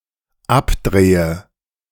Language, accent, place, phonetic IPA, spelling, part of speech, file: German, Germany, Berlin, [ˈapˌdʁeːə], abdrehe, verb, De-abdrehe.ogg
- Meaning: inflection of abdrehen: 1. first-person singular dependent present 2. first/third-person singular dependent subjunctive I